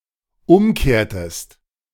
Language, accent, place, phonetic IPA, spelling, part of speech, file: German, Germany, Berlin, [ˈʊmˌkeːɐ̯təst], umkehrtest, verb, De-umkehrtest.ogg
- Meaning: inflection of umkehren: 1. second-person singular dependent preterite 2. second-person singular dependent subjunctive II